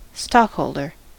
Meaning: 1. One who owns stock 2. A company that maintains a stock of certain products
- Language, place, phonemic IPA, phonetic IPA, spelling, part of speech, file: English, California, /ˈstɑk.hoʊl.dɚ/, [ˈstɑk.hoʊɫ.dɚ], stockholder, noun, En-us-stockholder.ogg